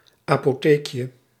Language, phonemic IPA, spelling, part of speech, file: Dutch, /apoˈtekjə/, apotheekje, noun, Nl-apotheekje.ogg
- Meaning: diminutive of apotheek